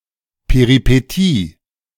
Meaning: peripeteia
- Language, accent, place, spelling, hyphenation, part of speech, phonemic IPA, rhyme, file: German, Germany, Berlin, Peripetie, Pe‧ri‧pe‧tie, noun, /peʁipeˈtiː/, -iː, De-Peripetie.ogg